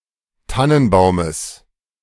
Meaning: genitive singular of Tannenbaum
- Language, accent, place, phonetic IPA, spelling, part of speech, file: German, Germany, Berlin, [ˈtanənˌbaʊ̯məs], Tannenbaumes, noun, De-Tannenbaumes.ogg